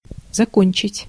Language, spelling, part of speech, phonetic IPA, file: Russian, закончить, verb, [zɐˈkonʲt͡ɕɪtʲ], Ru-закончить.ogg
- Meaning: 1. to finish, to end 2. to complete (work, lessons, etc.) 3. to conclude 4. to close (put an end to)